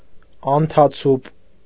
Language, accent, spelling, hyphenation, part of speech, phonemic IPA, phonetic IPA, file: Armenian, Eastern Armenian, անթացուպ, ան‧թա‧ցուպ, noun, /ɑntʰɑˈt͡sʰup/, [ɑntʰɑt͡sʰúp], Hy-անթացուպ.ogg
- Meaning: crutch